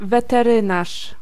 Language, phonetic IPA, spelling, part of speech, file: Polish, [ˌvɛtɛˈrɨ̃naʃ], weterynarz, noun, Pl-weterynarz.ogg